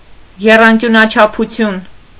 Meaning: trigonometry
- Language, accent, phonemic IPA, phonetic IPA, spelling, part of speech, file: Armenian, Eastern Armenian, /jerɑnkjunɑt͡ʃʰɑpʰuˈtʰjun/, [jerɑŋkjunɑt͡ʃʰɑpʰut͡sʰjún], եռանկյունաչափություն, noun, Hy-եռանկյունաչափություն.ogg